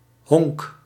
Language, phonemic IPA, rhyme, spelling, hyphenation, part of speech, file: Dutch, /ɦɔŋk/, -ɔŋk, honk, honk, noun, Nl-honk.ogg
- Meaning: 1. home, place where one belongs, shelter 2. base (safe zone, e.g. in baseball and similar sports)